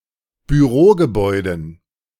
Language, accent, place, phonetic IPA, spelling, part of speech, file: German, Germany, Berlin, [byˈʁoːɡəˌbɔɪ̯dn̩], Bürogebäuden, noun, De-Bürogebäuden.ogg
- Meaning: dative plural of Bürogebäude